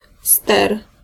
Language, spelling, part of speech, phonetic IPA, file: Polish, ster, noun, [stɛr], Pl-ster.ogg